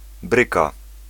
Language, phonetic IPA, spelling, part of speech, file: Polish, [ˈbrɨka], bryka, noun / verb, Pl-bryka.ogg